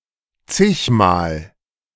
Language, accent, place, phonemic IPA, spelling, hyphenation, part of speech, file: German, Germany, Berlin, /ˈtsɪçmaːl/, zigmal, zig‧mal, adverb, De-zigmal.ogg
- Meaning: umpteen times, often, regularly